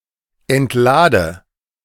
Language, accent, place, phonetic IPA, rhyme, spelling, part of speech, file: German, Germany, Berlin, [ɛntˈlaːdə], -aːdə, entlade, verb, De-entlade.ogg
- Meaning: inflection of entladen: 1. first-person singular present 2. first/third-person singular subjunctive I 3. singular imperative